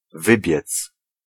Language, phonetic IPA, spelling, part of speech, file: Polish, [ˈvɨbʲjɛt͡s], wybiec, verb, Pl-wybiec.ogg